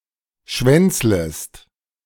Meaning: second-person singular subjunctive I of schwänzeln
- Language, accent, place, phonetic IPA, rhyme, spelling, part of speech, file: German, Germany, Berlin, [ˈʃvɛnt͡sləst], -ɛnt͡sləst, schwänzlest, verb, De-schwänzlest.ogg